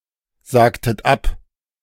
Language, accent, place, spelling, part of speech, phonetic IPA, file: German, Germany, Berlin, sagtet ab, verb, [ˌzaːktət ˈap], De-sagtet ab.ogg
- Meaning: inflection of absagen: 1. second-person plural preterite 2. second-person plural subjunctive II